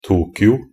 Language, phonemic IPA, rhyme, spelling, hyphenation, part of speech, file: Norwegian Bokmål, /ˈtuːkɪʊ/, -ɪʊ, Tokyo, To‧kyo, proper noun, Nb-tokyo.ogg
- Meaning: Tokyo (a prefecture, the capital city of Kantō, Japan)